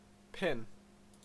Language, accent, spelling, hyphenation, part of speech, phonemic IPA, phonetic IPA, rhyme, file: English, Canada, pin, pin, noun / verb, /pɪn/, [ˈpʰɪn], -ɪn, En-ca-pin.ogg
- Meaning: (noun) A needle without an eye (usually) made of drawn-out steel wire with one end sharpened and the other flattened or rounded into a head, used for fastening